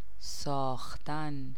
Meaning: 1. to make 2. to build, to construct 3. to create, to produce 4. to agree with, to suit 5. to endure, to bear 6. to reconcile, to make peace
- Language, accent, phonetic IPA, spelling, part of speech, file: Persian, Iran, [sɒːx.t̪ʰǽn], ساختن, verb, Fa-ساختن.ogg